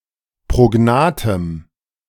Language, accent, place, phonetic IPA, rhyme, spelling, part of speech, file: German, Germany, Berlin, [pʁoˈɡnaːtəm], -aːtəm, prognathem, adjective, De-prognathem.ogg
- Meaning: strong dative masculine/neuter singular of prognath